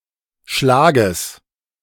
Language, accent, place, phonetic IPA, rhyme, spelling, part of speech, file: German, Germany, Berlin, [ˈʃlaːɡəs], -aːɡəs, Schlages, noun, De-Schlages.ogg
- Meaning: genitive singular of Schlag